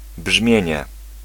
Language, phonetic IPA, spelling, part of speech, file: Polish, [ˈbʒmʲjɛ̇̃ɲɛ], brzmienie, noun, Pl-brzmienie.ogg